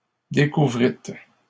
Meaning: second-person plural past historic of découvrir
- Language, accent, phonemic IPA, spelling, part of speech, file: French, Canada, /de.ku.vʁit/, découvrîtes, verb, LL-Q150 (fra)-découvrîtes.wav